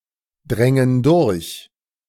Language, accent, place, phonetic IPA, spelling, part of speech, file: German, Germany, Berlin, [ˌdʁɛŋən ˈdʊʁç], drängen durch, verb, De-drängen durch.ogg
- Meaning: first-person plural subjunctive II of durchdringen